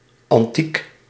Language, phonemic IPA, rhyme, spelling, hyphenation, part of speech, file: Dutch, /ɑnˈtik/, -ik, antiek, an‧tiek, adjective / noun, Nl-antiek.ogg
- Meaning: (adjective) antique; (noun) antiques (antique wares)